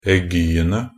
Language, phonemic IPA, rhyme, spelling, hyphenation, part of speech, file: Norwegian Bokmål, /ɛˈɡyːənə/, -ənə, aiguene, ai‧gu‧en‧e, noun, Nb-aiguene.ogg
- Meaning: definite plural of aigu